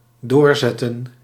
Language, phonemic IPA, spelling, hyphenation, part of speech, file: Dutch, /ˈdoːrˌzɛtə(n)/, doorzetten, door‧zet‧ten, verb, Nl-doorzetten.ogg
- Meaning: 1. to persevere, pull through 2. to persist 3. to continue, to push on with